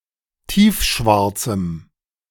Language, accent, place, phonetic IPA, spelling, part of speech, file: German, Germany, Berlin, [ˈtiːfˌʃvaʁt͡sm̩], tiefschwarzem, adjective, De-tiefschwarzem.ogg
- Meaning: strong dative masculine/neuter singular of tiefschwarz